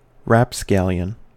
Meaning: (noun) A rascal, scamp, rogue, or scoundrel; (adjective) Disreputable, roguish
- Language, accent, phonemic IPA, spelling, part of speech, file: English, US, /ɹæpˈskæljən/, rapscallion, noun / adjective, En-us-rapscallion.ogg